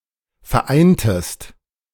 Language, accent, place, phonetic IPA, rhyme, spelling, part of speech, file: German, Germany, Berlin, [fɛɐ̯ˈʔaɪ̯ntəst], -aɪ̯ntəst, vereintest, verb, De-vereintest.ogg
- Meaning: inflection of vereinen: 1. second-person singular preterite 2. second-person singular subjunctive II